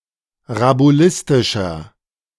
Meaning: 1. comparative degree of rabulistisch 2. inflection of rabulistisch: strong/mixed nominative masculine singular 3. inflection of rabulistisch: strong genitive/dative feminine singular
- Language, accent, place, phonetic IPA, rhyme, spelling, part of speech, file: German, Germany, Berlin, [ʁabuˈlɪstɪʃɐ], -ɪstɪʃɐ, rabulistischer, adjective, De-rabulistischer.ogg